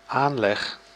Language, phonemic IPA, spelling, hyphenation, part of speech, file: Dutch, /ˈaːnlɛx/, aanleg, aan‧leg, noun / verb, Nl-aanleg.ogg
- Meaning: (noun) 1. bent, disposition, nature 2. facility, talent 3. construction 4. the act of mooring 5. instance (the act of submitting a legal case)